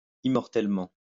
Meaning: immortally
- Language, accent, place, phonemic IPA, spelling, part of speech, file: French, France, Lyon, /i.mɔʁ.tɛl.mɑ̃/, immortellement, adverb, LL-Q150 (fra)-immortellement.wav